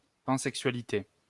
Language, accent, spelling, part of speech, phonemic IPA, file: French, France, pansexualité, noun, /pɑ̃.sɛk.sɥa.li.te/, LL-Q150 (fra)-pansexualité.wav
- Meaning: pansexuality